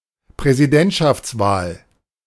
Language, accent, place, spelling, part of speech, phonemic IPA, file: German, Germany, Berlin, Präsidentschaftswahl, noun, /pʁɛziˈdɛntʃaft͡sˌvaːl/, De-Präsidentschaftswahl.ogg
- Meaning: presidential election, presidential race